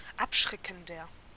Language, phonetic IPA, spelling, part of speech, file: German, [ˈapˌʃʁɛkn̩dɐ], abschreckender, adjective, De-abschreckender.ogg
- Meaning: 1. comparative degree of abschreckend 2. inflection of abschreckend: strong/mixed nominative masculine singular 3. inflection of abschreckend: strong genitive/dative feminine singular